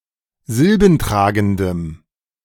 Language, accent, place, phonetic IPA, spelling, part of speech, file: German, Germany, Berlin, [ˈzɪlbn̩ˌtʁaːɡn̩dəm], silbentragendem, adjective, De-silbentragendem.ogg
- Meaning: strong dative masculine/neuter singular of silbentragend